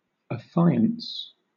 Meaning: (verb) To be betrothed to; to promise to marry; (noun) 1. Faith, trust 2. A solemn engagement, especially a pledge of marriage
- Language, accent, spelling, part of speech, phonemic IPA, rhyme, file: English, Southern England, affiance, verb / noun, /əˈfaɪ.əns/, -aɪəns, LL-Q1860 (eng)-affiance.wav